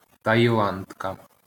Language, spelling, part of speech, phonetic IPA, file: Ukrainian, таїландка, noun, [tɐjiˈɫandkɐ], LL-Q8798 (ukr)-таїландка.wav
- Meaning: female equivalent of таїла́ндець (tajilándecʹ): Thai (female citizen of Thailand)